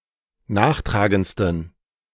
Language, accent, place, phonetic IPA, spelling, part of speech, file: German, Germany, Berlin, [ˈnaːxˌtʁaːɡənt͡stn̩], nachtragendsten, adjective, De-nachtragendsten.ogg
- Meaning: 1. superlative degree of nachtragend 2. inflection of nachtragend: strong genitive masculine/neuter singular superlative degree